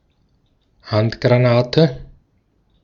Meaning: hand grenade
- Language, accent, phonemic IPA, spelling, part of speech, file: German, Austria, /ˈhantɡʁaˌnaːtə/, Handgranate, noun, De-at-Handgranate.ogg